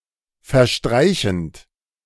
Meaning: present participle of verstreichen
- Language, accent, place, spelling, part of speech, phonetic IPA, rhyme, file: German, Germany, Berlin, verstreichend, verb, [fɛɐ̯ˈʃtʁaɪ̯çn̩t], -aɪ̯çn̩t, De-verstreichend.ogg